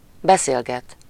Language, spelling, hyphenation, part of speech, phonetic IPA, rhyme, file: Hungarian, beszélget, be‧szél‧get, verb, [ˈbɛseːlɡɛt], -ɛt, Hu-beszélget.ogg
- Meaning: to converse, to talk (interactively with other people), to chat (with someone: -val/-vel; about someone or something: -ról/-ről)